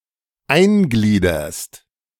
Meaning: second-person singular present of eingliedern
- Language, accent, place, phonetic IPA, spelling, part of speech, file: German, Germany, Berlin, [ˈaɪ̯nˌɡliːdɐst], eingliederst, verb, De-eingliederst.ogg